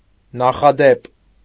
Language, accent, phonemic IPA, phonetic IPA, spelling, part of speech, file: Armenian, Eastern Armenian, /nɑχɑˈdep/, [nɑχɑdép], նախադեպ, noun, Hy-նախադեպ.ogg
- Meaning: precedent